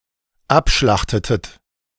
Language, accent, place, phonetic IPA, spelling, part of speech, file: German, Germany, Berlin, [ˈapˌʃlaxtətət], abschlachtetet, verb, De-abschlachtetet.ogg
- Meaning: inflection of abschlachten: 1. second-person plural dependent preterite 2. second-person plural dependent subjunctive II